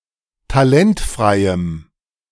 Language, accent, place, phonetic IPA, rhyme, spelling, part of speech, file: German, Germany, Berlin, [taˈlɛntfʁaɪ̯əm], -ɛntfʁaɪ̯əm, talentfreiem, adjective, De-talentfreiem.ogg
- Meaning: strong dative masculine/neuter singular of talentfrei